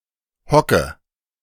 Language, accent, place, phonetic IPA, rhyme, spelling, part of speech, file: German, Germany, Berlin, [ˈhɔkə], -ɔkə, hocke, verb, De-hocke.ogg
- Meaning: inflection of hocken: 1. first-person singular present 2. singular imperative 3. first/third-person singular subjunctive I